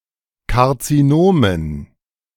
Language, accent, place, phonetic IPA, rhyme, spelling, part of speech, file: German, Germany, Berlin, [kaʁt͡siˈnoːmən], -oːmən, Karzinomen, noun, De-Karzinomen.ogg
- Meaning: dative plural of Karzinom